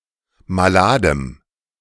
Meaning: strong dative masculine/neuter singular of malad
- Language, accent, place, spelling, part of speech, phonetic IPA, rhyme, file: German, Germany, Berlin, maladem, adjective, [maˈlaːdəm], -aːdəm, De-maladem.ogg